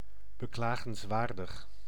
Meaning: lamentable, pitiful
- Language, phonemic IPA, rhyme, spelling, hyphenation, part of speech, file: Dutch, /bəˌklaː.ɣənsˈʋaːr.dəx/, -aːrdəx, beklagenswaardig, be‧kla‧gens‧waar‧dig, adjective, Nl-beklagenswaardig.ogg